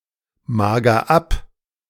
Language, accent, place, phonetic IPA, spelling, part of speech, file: German, Germany, Berlin, [ˌmaːɡɐ ˈap], mager ab, verb, De-mager ab.ogg
- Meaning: inflection of abmagern: 1. first-person singular present 2. singular imperative